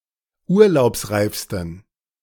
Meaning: 1. superlative degree of urlaubsreif 2. inflection of urlaubsreif: strong genitive masculine/neuter singular superlative degree
- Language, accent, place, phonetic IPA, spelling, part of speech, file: German, Germany, Berlin, [ˈuːɐ̯laʊ̯psˌʁaɪ̯fstn̩], urlaubsreifsten, adjective, De-urlaubsreifsten.ogg